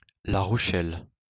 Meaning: La Rochelle (a port city and commune of Charente-Maritime department, Nouvelle-Aquitaine, France)
- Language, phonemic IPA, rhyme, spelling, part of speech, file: French, /la ʁɔ.ʃɛl/, -ɛl, La Rochelle, proper noun, LL-Q150 (fra)-La Rochelle.wav